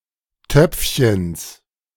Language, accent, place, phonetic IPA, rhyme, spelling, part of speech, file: German, Germany, Berlin, [ˈtœp͡fçəns], -œp͡fçəns, Töpfchens, noun, De-Töpfchens.ogg
- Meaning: genitive singular of Töpfchen